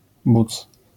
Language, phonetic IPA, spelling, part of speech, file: Polish, [but͡s], buc, noun, LL-Q809 (pol)-buc.wav